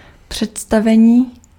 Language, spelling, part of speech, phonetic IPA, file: Czech, představení, noun, [ˈpr̝̊ɛtstavɛɲiː], Cs-představení.ogg
- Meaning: 1. verbal noun of představit 2. performance 3. introduction (of a person)